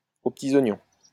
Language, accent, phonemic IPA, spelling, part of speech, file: French, France, /o p(ə).ti.z‿ɔ.ɲɔ̃/, aux petits oignons, adverb, LL-Q150 (fra)-aux petits oignons.wav
- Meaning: with the utmost attention, with the utmost care, extremely well